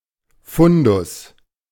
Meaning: 1. pool (supply of resources) 2. repository, stock
- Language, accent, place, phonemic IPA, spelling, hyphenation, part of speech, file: German, Germany, Berlin, /ˈfʊndʊs/, Fundus, Fun‧dus, noun, De-Fundus.ogg